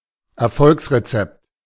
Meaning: recipe for success, secret sauce
- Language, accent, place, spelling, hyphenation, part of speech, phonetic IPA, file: German, Germany, Berlin, Erfolgsrezept, Er‧folgs‧re‧zept, noun, [ɛɐ̯ˈfɔlksʀeˌt͡sɛpt], De-Erfolgsrezept.ogg